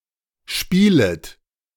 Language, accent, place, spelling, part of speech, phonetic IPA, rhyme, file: German, Germany, Berlin, spielet, verb, [ˈʃpiːlət], -iːlət, De-spielet.ogg
- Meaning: second-person plural subjunctive I of spielen